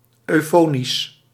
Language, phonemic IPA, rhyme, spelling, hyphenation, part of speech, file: Dutch, /ˌœy̯ˈfoː.nis/, -oːnis, eufonisch, eu‧fo‧nisch, noun, Nl-eufonisch.ogg
- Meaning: euphonous